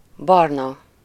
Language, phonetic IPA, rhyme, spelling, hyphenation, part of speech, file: Hungarian, [ˈbɒrnɒ], -nɒ, barna, bar‧na, adjective, Hu-barna.ogg
- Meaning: 1. brown 2. having dark complexion/skin, tanned 3. brown-haired, brunette